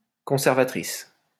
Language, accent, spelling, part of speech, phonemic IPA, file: French, France, conservatrice, noun, /kɔ̃.sɛʁ.va.tʁis/, LL-Q150 (fra)-conservatrice.wav
- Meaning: 1. keeper, curator, custodian 2. Same as title in professional duties 3. conservative 4. Conservative 5. preservative